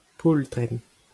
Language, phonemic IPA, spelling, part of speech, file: Breton, /ˈpul.tʁɛ̃n/, poultrenn, noun, LL-Q12107 (bre)-poultrenn.wav
- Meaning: powder